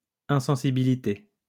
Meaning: insensibility
- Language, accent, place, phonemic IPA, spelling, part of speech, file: French, France, Lyon, /ɛ̃.sɑ̃.si.bi.li.te/, insensibilité, noun, LL-Q150 (fra)-insensibilité.wav